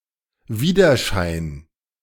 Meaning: reflection
- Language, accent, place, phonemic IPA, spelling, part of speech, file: German, Germany, Berlin, /ˈviːdɐˌʃaɪ̯n/, Widerschein, noun, De-Widerschein.ogg